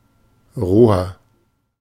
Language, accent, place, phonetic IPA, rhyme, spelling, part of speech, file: German, Germany, Berlin, [ˈʁoːɐ], -oːɐ, roher, adjective, De-roher.ogg
- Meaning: 1. comparative degree of roh 2. inflection of roh: strong/mixed nominative masculine singular 3. inflection of roh: strong genitive/dative feminine singular